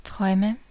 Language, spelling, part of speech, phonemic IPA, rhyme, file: German, Träume, noun, /ˈtʁɔɪ̯mə/, -ɔɪ̯mə, De-Träume.ogg
- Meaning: dreams